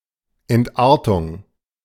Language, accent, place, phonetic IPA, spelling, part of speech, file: German, Germany, Berlin, [ɛntˈʔaːɐ̯tʊŋ], Entartung, noun, De-Entartung.ogg
- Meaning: degeneration, degeneracy